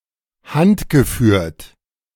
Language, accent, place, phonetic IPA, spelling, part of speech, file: German, Germany, Berlin, [ˈhantɡəˌfyːɐ̯t], handgeführt, adjective, De-handgeführt.ogg
- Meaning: 1. handheld 2. hand-guided